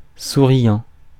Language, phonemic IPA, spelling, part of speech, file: French, /su.ʁjɑ̃/, souriant, verb / adjective, Fr-souriant.ogg
- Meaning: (verb) present participle of sourire; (adjective) smiling (tending to smile a lot)